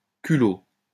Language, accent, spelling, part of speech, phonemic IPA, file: French, France, culot, noun, /ky.lo/, LL-Q150 (fra)-culot.wav
- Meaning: 1. base, bottom (of an object) 2. residue, slag 3. cheek, nerve (effrontery) 4. architectural ornament, e.g. starting point of volutes